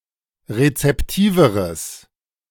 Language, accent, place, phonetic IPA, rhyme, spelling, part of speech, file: German, Germany, Berlin, [ʁet͡sɛpˈtiːvəʁəs], -iːvəʁəs, rezeptiveres, adjective, De-rezeptiveres.ogg
- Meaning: strong/mixed nominative/accusative neuter singular comparative degree of rezeptiv